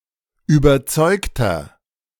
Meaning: 1. comparative degree of überzeugt 2. inflection of überzeugt: strong/mixed nominative masculine singular 3. inflection of überzeugt: strong genitive/dative feminine singular
- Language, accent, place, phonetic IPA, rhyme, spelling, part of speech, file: German, Germany, Berlin, [yːbɐˈt͡sɔɪ̯ktɐ], -ɔɪ̯ktɐ, überzeugter, adjective, De-überzeugter.ogg